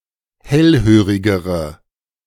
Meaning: inflection of hellhörig: 1. strong/mixed nominative/accusative feminine singular comparative degree 2. strong nominative/accusative plural comparative degree
- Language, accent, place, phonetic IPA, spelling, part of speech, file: German, Germany, Berlin, [ˈhɛlˌhøːʁɪɡəʁə], hellhörigere, adjective, De-hellhörigere.ogg